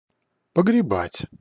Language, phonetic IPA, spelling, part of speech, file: Russian, [pəɡrʲɪˈbatʲ], погребать, verb, Ru-погребать.ogg
- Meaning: to bury